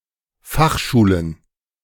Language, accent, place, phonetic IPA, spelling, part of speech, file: German, Germany, Berlin, [ˈfaxˌʃuːlən], Fachschulen, noun, De-Fachschulen.ogg
- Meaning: plural of Fachschule